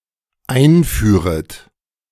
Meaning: second-person plural dependent subjunctive I of einführen
- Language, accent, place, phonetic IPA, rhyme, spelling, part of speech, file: German, Germany, Berlin, [ˈaɪ̯nˌfyːʁət], -aɪ̯nfyːʁət, einführet, verb, De-einführet.ogg